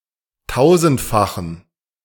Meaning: inflection of tausendfach: 1. strong genitive masculine/neuter singular 2. weak/mixed genitive/dative all-gender singular 3. strong/weak/mixed accusative masculine singular 4. strong dative plural
- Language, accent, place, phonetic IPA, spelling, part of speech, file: German, Germany, Berlin, [ˈtaʊ̯zn̩tfaxn̩], tausendfachen, adjective, De-tausendfachen.ogg